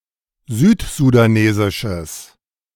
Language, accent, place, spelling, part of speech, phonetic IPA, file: German, Germany, Berlin, südsudanesisches, adjective, [ˈzyːtzudaˌneːzɪʃəs], De-südsudanesisches.ogg
- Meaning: strong/mixed nominative/accusative neuter singular of südsudanesisch